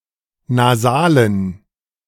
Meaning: dative plural of Nasal
- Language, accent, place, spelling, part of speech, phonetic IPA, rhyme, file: German, Germany, Berlin, Nasalen, noun, [naˈzaːlən], -aːlən, De-Nasalen.ogg